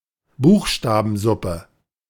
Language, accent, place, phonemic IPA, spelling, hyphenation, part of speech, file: German, Germany, Berlin, /ˈbuːxʃtaːbn̩ˌzʊpə/, Buchstabensuppe, Buch‧sta‧ben‧sup‧pe, noun, De-Buchstabensuppe.ogg
- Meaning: 1. alphabet soup 2. any text incomprehensible due to orthographic or grammatical errors